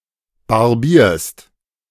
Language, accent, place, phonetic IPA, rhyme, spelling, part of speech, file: German, Germany, Berlin, [baʁˈbiːɐ̯st], -iːɐ̯st, barbierst, verb, De-barbierst.ogg
- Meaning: second-person singular present of barbieren